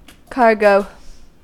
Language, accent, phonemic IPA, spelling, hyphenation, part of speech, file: English, US, /ˈkɑɹɡoʊ/, cargo, car‧go, noun / verb, En-us-cargo.ogg
- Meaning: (noun) 1. Freight carried by a ship, aircraft, or motor vehicle 2. Western material goods; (verb) To load with freight